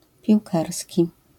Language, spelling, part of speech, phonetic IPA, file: Polish, piłkarski, adjective, [pʲiwˈkarsʲci], LL-Q809 (pol)-piłkarski.wav